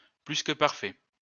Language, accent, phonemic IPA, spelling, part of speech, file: French, France, /plys.kə.paʁ.fɛ/, plus-que-parfait, noun, LL-Q150 (fra)-plus-que-parfait.wav
- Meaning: pluperfect tense